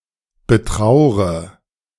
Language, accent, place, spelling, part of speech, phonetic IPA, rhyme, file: German, Germany, Berlin, betraure, verb, [bəˈtʁaʊ̯ʁə], -aʊ̯ʁə, De-betraure.ogg
- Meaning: inflection of betrauern: 1. first-person singular present 2. first/third-person singular subjunctive I 3. singular imperative